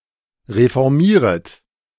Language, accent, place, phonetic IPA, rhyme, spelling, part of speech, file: German, Germany, Berlin, [ʁefɔʁˈmiːʁət], -iːʁət, reformieret, verb, De-reformieret.ogg
- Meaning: second-person plural subjunctive I of reformieren